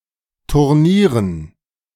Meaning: dative plural of Turnier
- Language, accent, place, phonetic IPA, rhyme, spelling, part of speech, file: German, Germany, Berlin, [tʊʁˈniːʁən], -iːʁən, Turnieren, noun, De-Turnieren.ogg